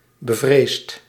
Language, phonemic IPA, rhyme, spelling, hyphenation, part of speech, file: Dutch, /bəˈvreːst/, -eːst, bevreesd, be‧vreesd, adjective, Nl-bevreesd.ogg
- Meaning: afraid